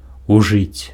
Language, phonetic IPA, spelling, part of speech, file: Belarusian, [uˈʐɨt͡sʲ], ужыць, verb, Be-ужыць.ogg
- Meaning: to use, to utilise